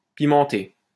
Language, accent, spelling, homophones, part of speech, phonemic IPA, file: French, France, pimenter, pimentai / pimenté / pimentée / pimentées / pimentés / pimentez, verb, /pi.mɑ̃.te/, LL-Q150 (fra)-pimenter.wav
- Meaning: 1. to spice, to season with spices 2. to spice up, to make more extravagant or exotic